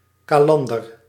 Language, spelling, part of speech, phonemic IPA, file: Dutch, kalander, noun / verb, /kaˈlɑndər/, Nl-kalander.ogg
- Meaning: weevil; calander